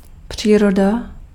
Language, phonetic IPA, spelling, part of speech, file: Czech, [ˈpr̝̊iːroda], příroda, noun, Cs-příroda.ogg
- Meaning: 1. nature 2. outdoors